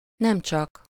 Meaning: not only
- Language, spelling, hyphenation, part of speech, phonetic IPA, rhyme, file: Hungarian, nemcsak, nem‧csak, conjunction, [ˈnɛmt͡ʃɒk], -ɒk, Hu-nemcsak.ogg